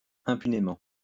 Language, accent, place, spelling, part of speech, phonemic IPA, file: French, France, Lyon, impunément, adverb, /ɛ̃.py.ne.mɑ̃/, LL-Q150 (fra)-impunément.wav
- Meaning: with impunity